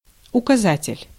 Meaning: 1. index, indicator, guide, pointer 2. cursor 3. traffic sign 4. place-name sign (typically указа́тель населённого пу́нкта)
- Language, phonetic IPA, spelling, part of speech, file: Russian, [ʊkɐˈzatʲɪlʲ], указатель, noun, Ru-указатель.ogg